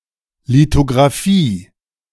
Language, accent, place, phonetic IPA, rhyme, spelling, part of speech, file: German, Germany, Berlin, [litoɡʁaˈfiː], -iː, Lithografie, noun, De-Lithografie.ogg
- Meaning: lithography